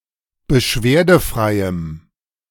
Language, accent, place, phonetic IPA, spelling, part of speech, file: German, Germany, Berlin, [bəˈʃveːɐ̯dəˌfʁaɪ̯əm], beschwerdefreiem, adjective, De-beschwerdefreiem.ogg
- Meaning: strong dative masculine/neuter singular of beschwerdefrei